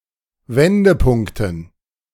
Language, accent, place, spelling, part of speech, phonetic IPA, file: German, Germany, Berlin, Wendepunkten, noun, [ˈvɛndəˌpʊŋktn̩], De-Wendepunkten.ogg
- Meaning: dative plural of Wendepunkt